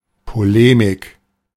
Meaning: polemics
- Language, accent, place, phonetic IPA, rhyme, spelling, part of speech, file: German, Germany, Berlin, [poˈleːmɪk], -eːmɪk, Polemik, noun, De-Polemik.ogg